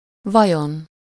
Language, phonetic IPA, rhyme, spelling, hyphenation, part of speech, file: Hungarian, [ˈvɒjon], -on, vajon, va‧jon, adverb / noun, Hu-vajon.ogg
- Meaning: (adverb) wondering; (noun) superessive singular of vaj